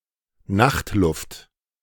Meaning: night air
- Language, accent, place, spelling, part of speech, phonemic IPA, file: German, Germany, Berlin, Nachtluft, noun, /ˈnaxtˌlʊft/, De-Nachtluft.ogg